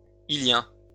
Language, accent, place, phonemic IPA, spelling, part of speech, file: French, France, Lyon, /i.ljɛ̃/, îlien, adjective / noun, LL-Q150 (fra)-îlien.wav
- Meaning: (adjective) Pre-1990 spelling of ilien